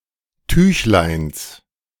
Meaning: genitive singular of Tüchlein
- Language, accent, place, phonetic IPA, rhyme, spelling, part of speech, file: German, Germany, Berlin, [ˈtyːçlaɪ̯ns], -yːçlaɪ̯ns, Tüchleins, noun, De-Tüchleins.ogg